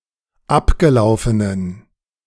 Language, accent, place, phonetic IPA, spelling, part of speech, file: German, Germany, Berlin, [ˈapɡəˌlaʊ̯fənən], abgelaufenen, adjective, De-abgelaufenen.ogg
- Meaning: inflection of abgelaufen: 1. strong genitive masculine/neuter singular 2. weak/mixed genitive/dative all-gender singular 3. strong/weak/mixed accusative masculine singular 4. strong dative plural